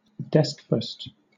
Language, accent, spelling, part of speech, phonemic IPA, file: English, Southern England, deskfast, noun, /ˈdɛskfəst/, LL-Q1860 (eng)-deskfast.wav
- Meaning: Breakfast eaten at work, particularly while sitting at a desk